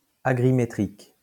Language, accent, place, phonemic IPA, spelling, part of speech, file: French, France, Lyon, /a.ɡʁi.me.tʁik/, agrimétrique, adjective, LL-Q150 (fra)-agrimétrique.wav
- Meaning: agrimetric